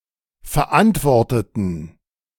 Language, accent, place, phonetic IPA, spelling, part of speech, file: German, Germany, Berlin, [fɛɐ̯ˈʔantvɔʁtətn̩], verantworteten, adjective / verb, De-verantworteten.ogg
- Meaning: inflection of verantworten: 1. first/third-person plural preterite 2. first/third-person plural subjunctive II